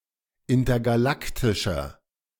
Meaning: inflection of intergalaktisch: 1. strong/mixed nominative masculine singular 2. strong genitive/dative feminine singular 3. strong genitive plural
- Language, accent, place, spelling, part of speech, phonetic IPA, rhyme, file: German, Germany, Berlin, intergalaktischer, adjective, [ˌɪntɐɡaˈlaktɪʃɐ], -aktɪʃɐ, De-intergalaktischer.ogg